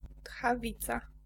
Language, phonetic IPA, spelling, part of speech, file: Polish, [txaˈvʲit͡sa], tchawica, noun, Pl-tchawica.ogg